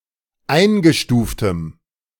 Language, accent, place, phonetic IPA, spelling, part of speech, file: German, Germany, Berlin, [ˈaɪ̯nɡəˌʃtuːftəm], eingestuftem, adjective, De-eingestuftem.ogg
- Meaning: strong dative masculine/neuter singular of eingestuft